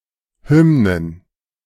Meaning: plural of Hymne
- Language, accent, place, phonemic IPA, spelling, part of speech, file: German, Germany, Berlin, /ˈhʏmnən/, Hymnen, noun, De-Hymnen.ogg